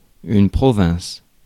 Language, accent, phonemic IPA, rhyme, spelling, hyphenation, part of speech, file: French, France, /pʁɔ.vɛ̃s/, -ɛ̃s, province, pro‧vince, noun, Fr-province.ogg
- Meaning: 1. province 2. the countryside; or more broadly, the rest of metropolitan France, outside Paris